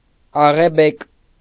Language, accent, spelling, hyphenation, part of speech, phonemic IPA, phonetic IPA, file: Armenian, Eastern Armenian, աղեբեկ, ա‧ղե‧բեկ, adjective, /ɑʁeˈbek/, [ɑʁebék], Hy-աղեբեկ.ogg
- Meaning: with streaks of grey, grey-flecked